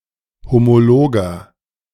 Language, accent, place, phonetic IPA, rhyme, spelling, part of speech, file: German, Germany, Berlin, [ˌhomoˈloːɡɐ], -oːɡɐ, homologer, adjective, De-homologer.ogg
- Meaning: inflection of homolog: 1. strong/mixed nominative masculine singular 2. strong genitive/dative feminine singular 3. strong genitive plural